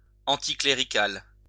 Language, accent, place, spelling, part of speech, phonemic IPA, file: French, France, Lyon, anticlérical, adjective, /ɑ̃.ti.kle.ʁi.kal/, LL-Q150 (fra)-anticlérical.wav
- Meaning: Opposed to political influence of clerics; anticlerical